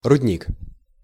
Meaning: ore mine, pit
- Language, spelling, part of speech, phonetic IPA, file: Russian, рудник, noun, [rʊdʲˈnʲik], Ru-рудник.ogg